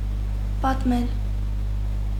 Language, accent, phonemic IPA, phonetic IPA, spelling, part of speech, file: Armenian, Eastern Armenian, /pɑtˈmel/, [pɑtmél], պատմել, verb, Hy-պատմել.ogg
- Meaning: to relate, tell, narrate, recount